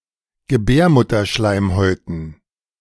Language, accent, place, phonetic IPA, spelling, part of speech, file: German, Germany, Berlin, [ɡəˈbɛːɐ̯mʊtɐˌʃlaɪ̯mhɔɪ̯tn̩], Gebärmutterschleimhäuten, noun, De-Gebärmutterschleimhäuten.ogg
- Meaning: dative plural of Gebärmutterschleimhaut